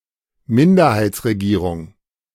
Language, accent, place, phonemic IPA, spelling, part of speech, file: German, Germany, Berlin, /ˈmɪndɐ̯haɪ̯tsʁeˌɡiːʁʊŋ/, Minderheitsregierung, noun, De-Minderheitsregierung.ogg
- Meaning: minority government (government backed by less than half of votes in parliament)